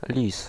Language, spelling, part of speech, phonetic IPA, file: Polish, lis, noun, [lʲis], Pl-lis.ogg